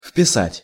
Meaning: 1. to enter, to insert (something to the text that is already written by writing) 2. to record (something in a diary or a journal) 3. to inscribe
- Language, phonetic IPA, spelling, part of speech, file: Russian, [f⁽ʲ⁾pʲɪˈsatʲ], вписать, verb, Ru-вписать.ogg